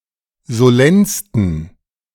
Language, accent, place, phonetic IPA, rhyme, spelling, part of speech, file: German, Germany, Berlin, [zoˈlɛnstn̩], -ɛnstn̩, solennsten, adjective, De-solennsten.ogg
- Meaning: 1. superlative degree of solenn 2. inflection of solenn: strong genitive masculine/neuter singular superlative degree